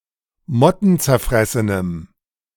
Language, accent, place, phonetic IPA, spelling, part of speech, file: German, Germany, Berlin, [ˈmɔtn̩t͡sɛɐ̯ˌfʁɛsənəm], mottenzerfressenem, adjective, De-mottenzerfressenem.ogg
- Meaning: strong dative masculine/neuter singular of mottenzerfressen